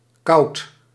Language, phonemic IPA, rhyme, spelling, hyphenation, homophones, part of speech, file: Dutch, /kɑu̯t/, -ɑu̯t, kout, kout, kauwt / koud, noun, Nl-kout.ogg
- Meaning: 1. talk, conversation 2. banter, chit-chat, pleasant but idle talk